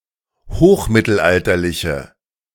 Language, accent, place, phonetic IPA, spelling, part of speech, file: German, Germany, Berlin, [ˈhoːxˌmɪtl̩ʔaltɐlɪçə], hochmittelalterliche, adjective, De-hochmittelalterliche.ogg
- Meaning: inflection of hochmittelalterlich: 1. strong/mixed nominative/accusative feminine singular 2. strong nominative/accusative plural 3. weak nominative all-gender singular